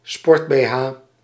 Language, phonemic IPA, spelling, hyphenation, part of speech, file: Dutch, /ˈspɔrt.beːˌɦaː/, sportbeha, sport‧be‧ha, noun, Nl-sportbeha.ogg
- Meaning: alternative spelling of sport-bh